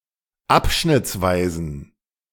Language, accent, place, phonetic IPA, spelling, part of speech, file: German, Germany, Berlin, [ˈapʃnɪt͡sˌvaɪ̯zn̩], abschnittsweisen, adjective, De-abschnittsweisen.ogg
- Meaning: inflection of abschnittsweise: 1. strong genitive masculine/neuter singular 2. weak/mixed genitive/dative all-gender singular 3. strong/weak/mixed accusative masculine singular 4. strong dative plural